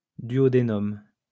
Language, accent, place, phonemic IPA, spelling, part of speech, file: French, France, Lyon, /dɥɔ.de.nɔm/, duodénum, noun, LL-Q150 (fra)-duodénum.wav
- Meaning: duodenum